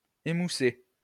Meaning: 1. to dull, blunt (to render blunt; to remove or blunt an edge or something that was sharp) 2. to dull (a feeling)
- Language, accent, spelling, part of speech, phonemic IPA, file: French, France, émousser, verb, /e.mu.se/, LL-Q150 (fra)-émousser.wav